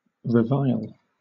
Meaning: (verb) To attack (someone) with abusive language; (noun) reproach; reviling
- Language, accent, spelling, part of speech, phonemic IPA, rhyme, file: English, Southern England, revile, verb / noun, /ɹəˈvaɪl/, -aɪl, LL-Q1860 (eng)-revile.wav